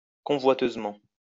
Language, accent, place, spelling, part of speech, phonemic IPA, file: French, France, Lyon, convoiteusement, adverb, /kɔ̃.vwa.tøz.mɑ̃/, LL-Q150 (fra)-convoiteusement.wav
- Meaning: 1. covetously 2. greedily